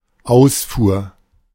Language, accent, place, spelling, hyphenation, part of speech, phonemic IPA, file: German, Germany, Berlin, Ausfuhr, Aus‧fuhr, noun, /ˈaʊ̯sfuːɐ̯/, De-Ausfuhr.ogg
- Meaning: export (the act of exporting)